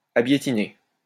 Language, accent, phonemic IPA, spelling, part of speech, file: French, France, /a.bje.ti.ne/, abiétiné, adjective, LL-Q150 (fra)-abiétiné.wav
- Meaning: That resembles fir trees